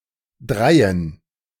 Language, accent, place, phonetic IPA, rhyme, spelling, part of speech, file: German, Germany, Berlin, [ˈdʁaɪ̯ən], -aɪ̯ən, Dreien, noun, De-Dreien.ogg
- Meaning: plural of Drei